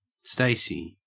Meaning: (proper noun) 1. A surname, variant of Stacey 2. A male given name from Ancient Greek transferred from the surname
- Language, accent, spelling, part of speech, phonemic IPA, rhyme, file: English, Australia, Stacy, proper noun / noun, /ˈsteɪ.si/, -eɪsi, En-au-Stacy.ogg